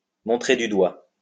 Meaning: to point out, to indicate; to point at; to point the finger at, to blame, to accuse, to incriminate
- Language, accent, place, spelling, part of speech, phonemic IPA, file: French, France, Lyon, montrer du doigt, verb, /mɔ̃.tʁe dy dwa/, LL-Q150 (fra)-montrer du doigt.wav